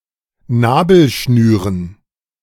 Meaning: dative plural of Nabelschnur
- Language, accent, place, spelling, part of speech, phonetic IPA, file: German, Germany, Berlin, Nabelschnüren, noun, [ˈnaːbl̩ˌʃnyːʁən], De-Nabelschnüren.ogg